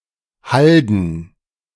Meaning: plural of Halde
- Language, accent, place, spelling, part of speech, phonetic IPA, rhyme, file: German, Germany, Berlin, Halden, noun, [ˈhaldn̩], -aldn̩, De-Halden.ogg